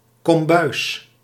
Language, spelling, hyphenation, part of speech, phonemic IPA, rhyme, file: Dutch, kombuis, kom‧buis, noun, /kɔmˈbœy̯s/, -œy̯s, Nl-kombuis.ogg
- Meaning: 1. a galley, a caboose (kitchen on a vessel) 2. a kitchen 3. a storage room for food 4. a stove or furnace on a ship